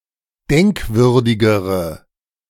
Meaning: inflection of denkwürdig: 1. strong/mixed nominative/accusative feminine singular comparative degree 2. strong nominative/accusative plural comparative degree
- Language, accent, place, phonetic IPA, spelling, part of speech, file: German, Germany, Berlin, [ˈdɛŋkˌvʏʁdɪɡəʁə], denkwürdigere, adjective, De-denkwürdigere.ogg